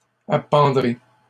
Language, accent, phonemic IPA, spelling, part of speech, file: French, Canada, /a.pɑ̃.dʁe/, appendrai, verb, LL-Q150 (fra)-appendrai.wav
- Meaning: first-person singular simple future of appendre